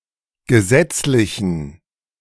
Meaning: inflection of gesetzlich: 1. strong genitive masculine/neuter singular 2. weak/mixed genitive/dative all-gender singular 3. strong/weak/mixed accusative masculine singular 4. strong dative plural
- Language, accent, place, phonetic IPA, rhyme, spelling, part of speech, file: German, Germany, Berlin, [ɡəˈzɛt͡slɪçn̩], -ɛt͡slɪçn̩, gesetzlichen, adjective, De-gesetzlichen.ogg